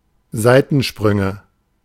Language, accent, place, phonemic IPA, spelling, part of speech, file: German, Germany, Berlin, /ˈzaɪ̯tn̩ˌʃpʁʏŋə/, Seitensprünge, noun, De-Seitensprünge.ogg
- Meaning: nominative/accusative/genitive plural of Seitensprung